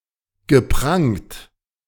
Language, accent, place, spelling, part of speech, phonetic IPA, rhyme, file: German, Germany, Berlin, geprangt, verb, [ɡəˈpʁaŋt], -aŋt, De-geprangt.ogg
- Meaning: past participle of prangen